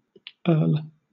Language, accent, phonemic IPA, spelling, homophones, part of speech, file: English, Southern England, /ɜːl/, earl, URL, noun, LL-Q1860 (eng)-earl.wav
- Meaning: A British or Irish nobleman next in rank above a viscount and below a marquess; equivalent to a European count. A female using the style is termed a countess